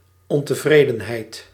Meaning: dissatisfaction
- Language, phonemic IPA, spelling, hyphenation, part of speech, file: Dutch, /ɔntəˈvredənɦɛɪt/, ontevredenheid, on‧te‧vre‧den‧heid, noun, Nl-ontevredenheid.ogg